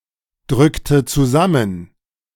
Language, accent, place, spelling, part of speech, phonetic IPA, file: German, Germany, Berlin, drückte zusammen, verb, [ˌdʁʏktə t͡suˈzamən], De-drückte zusammen.ogg
- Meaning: inflection of zusammendrücken: 1. first/third-person singular preterite 2. first/third-person singular subjunctive II